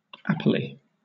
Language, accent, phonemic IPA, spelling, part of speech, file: English, Southern England, /ˈæp(ə)li/, apply, adjective, LL-Q1860 (eng)-apply.wav
- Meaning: Alternative spelling of appley